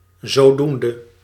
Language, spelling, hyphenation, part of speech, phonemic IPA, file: Dutch, zodoende, zo‧doen‧de, adverb, /ˌzoːˈdun.də/, Nl-zodoende.ogg
- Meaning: thereby